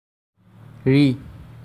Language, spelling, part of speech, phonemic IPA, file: Assamese, ঋ, character, /ɹi/, As-ঋ.ogg
- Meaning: The sixth character in the Assamese alphabet